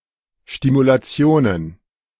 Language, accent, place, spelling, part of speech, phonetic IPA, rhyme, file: German, Germany, Berlin, Stimulationen, noun, [ˌʃtimulaˈt͡si̯oːnən], -oːnən, De-Stimulationen.ogg
- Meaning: plural of Stimulation